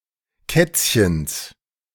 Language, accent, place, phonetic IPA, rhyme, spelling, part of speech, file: German, Germany, Berlin, [ˈkɛt͡sçəns], -ɛt͡sçəns, Kätzchens, noun, De-Kätzchens.ogg
- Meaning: genitive singular of Kätzchen